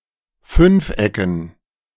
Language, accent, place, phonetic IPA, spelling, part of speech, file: German, Germany, Berlin, [ˈfʏnfˌʔɛkn̩], Fünfecken, noun, De-Fünfecken.ogg
- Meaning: dative plural of Fünfeck